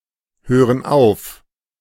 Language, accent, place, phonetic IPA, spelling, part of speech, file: German, Germany, Berlin, [ˌhøːʁən ˈaʊ̯f], hören auf, verb, De-hören auf.ogg
- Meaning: inflection of aufhören: 1. first/third-person plural present 2. first/third-person plural subjunctive I